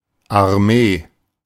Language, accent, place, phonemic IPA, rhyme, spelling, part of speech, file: German, Germany, Berlin, /arˈmeː/, -eː, Armee, noun, De-Armee.ogg
- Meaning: army (large tactical contingent consisting of several divisions)